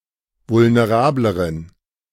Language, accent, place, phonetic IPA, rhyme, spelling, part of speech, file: German, Germany, Berlin, [vʊlneˈʁaːbləʁən], -aːbləʁən, vulnerableren, adjective, De-vulnerableren.ogg
- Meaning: inflection of vulnerabel: 1. strong genitive masculine/neuter singular comparative degree 2. weak/mixed genitive/dative all-gender singular comparative degree